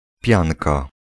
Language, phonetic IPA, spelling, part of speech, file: Polish, [ˈpʲjãnka], pianka, noun, Pl-pianka.ogg